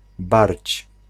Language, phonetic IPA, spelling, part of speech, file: Polish, [barʲt͡ɕ], barć, noun, Pl-barć.ogg